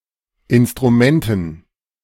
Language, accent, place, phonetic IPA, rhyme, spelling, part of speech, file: German, Germany, Berlin, [ɪnstʁuˈmɛntn̩], -ɛntn̩, Instrumenten, noun, De-Instrumenten.ogg
- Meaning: dative plural of Instrument